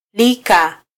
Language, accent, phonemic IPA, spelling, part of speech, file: Swahili, Kenya, /ˈli.kɑ/, lika, verb, Sw-ke-lika.flac
- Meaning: Stative form of -la: to be edible